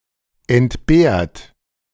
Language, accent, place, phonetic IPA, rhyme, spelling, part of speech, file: German, Germany, Berlin, [ɛntˈbeːɐ̯t], -eːɐ̯t, entbehrt, verb, De-entbehrt.ogg
- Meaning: 1. past participle of entbehren 2. inflection of entbehren: second-person plural present 3. inflection of entbehren: third-person singular present 4. inflection of entbehren: plural imperative